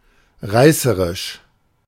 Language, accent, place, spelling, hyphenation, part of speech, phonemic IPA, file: German, Germany, Berlin, reißerisch, rei‧ße‧risch, adjective, /ˈʁaɪ̯səʁɪʃ/, De-reißerisch.ogg
- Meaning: lurid, sensational